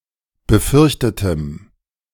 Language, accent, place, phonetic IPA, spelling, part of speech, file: German, Germany, Berlin, [bəˈfʏʁçtətəm], befürchtetem, adjective, De-befürchtetem.ogg
- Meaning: strong dative masculine/neuter singular of befürchtet